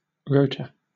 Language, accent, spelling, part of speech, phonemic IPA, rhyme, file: English, Southern England, rota, noun, /ˈɹəʊtə/, -əʊtə, LL-Q1860 (eng)-rota.wav
- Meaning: A schedule that allocates some task, responsibility or (rarely) privilege between a set of people according to a (possibly periodic) calendar